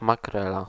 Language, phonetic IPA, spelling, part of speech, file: Polish, [maˈkrɛla], makrela, noun, Pl-makrela.ogg